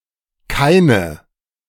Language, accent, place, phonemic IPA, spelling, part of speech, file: German, Germany, Berlin, /ˈkaɪ̯nə/, keine, pronoun, De-keine.ogg
- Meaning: 1. feminine nominative/accusative of kein 2. plural nominative/accusative of kein 3. feminine nominative/accusative of keiner 4. plural nominative/accusative of keiner